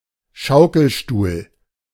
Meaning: rocking chair
- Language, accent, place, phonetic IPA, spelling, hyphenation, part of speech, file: German, Germany, Berlin, [ˈʃaʊ̯kl̩ˌʃtuːl], Schaukelstuhl, Schau‧kel‧stuhl, noun, De-Schaukelstuhl.ogg